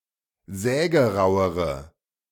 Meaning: inflection of sägerau: 1. strong/mixed nominative/accusative feminine singular comparative degree 2. strong nominative/accusative plural comparative degree
- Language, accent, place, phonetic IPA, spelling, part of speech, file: German, Germany, Berlin, [ˈzɛːɡəˌʁaʊ̯əʁə], sägerauere, adjective, De-sägerauere.ogg